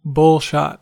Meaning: 1. A cocktail made from vodka and beef bouillon 2. A phony screenshot created for promotional purposes
- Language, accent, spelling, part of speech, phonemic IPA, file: English, US, bullshot, noun, /ˈbʊlʃɒt/, En-us-bullshot.ogg